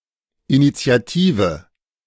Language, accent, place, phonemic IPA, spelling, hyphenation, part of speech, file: German, Germany, Berlin, /init͡si̯aˈtiːvə/, Initiative, In‧i‧tia‧ti‧ve, noun, De-Initiative.ogg
- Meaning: initiative